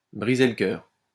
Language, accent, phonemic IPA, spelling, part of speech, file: French, France, /bʁi.ze l(ə) kœʁ/, briser le cœur, verb, LL-Q150 (fra)-briser le cœur.wav
- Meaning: to break someone's heart